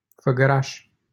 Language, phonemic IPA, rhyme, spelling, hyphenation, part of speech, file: Romanian, /fə.ɡəˈraʃ/, -aʃ, Făgăraș, Fă‧gă‧raș, proper noun, LL-Q7913 (ron)-Făgăraș.wav
- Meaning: a city in Brașov County, Romania